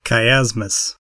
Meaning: An inversion of the relationship between the elements of phrases
- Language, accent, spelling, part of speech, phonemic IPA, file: English, US, chiasmus, noun, /kaɪˈæzməs/, En-us-chiasmus.ogg